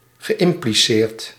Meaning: past participle of impliceren
- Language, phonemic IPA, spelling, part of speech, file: Dutch, /ɣəˌʔɪmpliˈsert/, geïmpliceerd, verb / adjective, Nl-geïmpliceerd.ogg